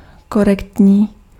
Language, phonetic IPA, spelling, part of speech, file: Czech, [ˈkorɛktɲiː], korektní, adjective, Cs-korektní.ogg
- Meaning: correct, proper